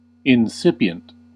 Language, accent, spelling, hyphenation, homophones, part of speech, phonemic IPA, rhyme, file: English, US, incipient, in‧cip‧i‧ent, insipient, adjective / noun, /ɪnˈsɪp.i.ənt/, -ɪpiənt, En-us-incipient.ogg
- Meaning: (adjective) In an initial stage; beginning, starting, coming into existence; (noun) 1. A beginner 2. A verb tense of the Hebrew language